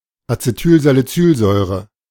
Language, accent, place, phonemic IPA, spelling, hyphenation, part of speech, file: German, Germany, Berlin, /atseˌtyːlzaliˈtsyːlzɔʏ̯ʁə/, Acetylsalicylsäure, Ace‧tyl‧sa‧li‧cyl‧säu‧re, noun, De-Acetylsalicylsäure.ogg
- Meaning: acetylsalicylic acid (acetate ester of salicylic acid; aspirin)